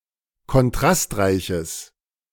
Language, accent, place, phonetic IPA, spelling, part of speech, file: German, Germany, Berlin, [kɔnˈtʁastˌʁaɪ̯çəs], kontrastreiches, adjective, De-kontrastreiches.ogg
- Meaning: strong/mixed nominative/accusative neuter singular of kontrastreich